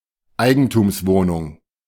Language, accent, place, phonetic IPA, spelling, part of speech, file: German, Germany, Berlin, [ˈaɪ̯ɡn̩tuːmsˌvoːnʊŋ], Eigentumswohnung, noun, De-Eigentumswohnung.ogg
- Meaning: condominium, freehold flat (UK)